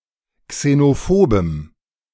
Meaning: strong dative masculine/neuter singular of xenophob
- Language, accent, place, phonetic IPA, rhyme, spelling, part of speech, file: German, Germany, Berlin, [ksenoˈfoːbəm], -oːbəm, xenophobem, adjective, De-xenophobem.ogg